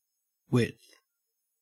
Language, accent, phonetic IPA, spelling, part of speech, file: English, Australia, [wɪd̪θ], width, noun, En-au-width.ogg
- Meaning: 1. The state of being wide 2. The measurement of the extent of something from side to side 3. A piece of material measured along its smaller dimension, especially fabric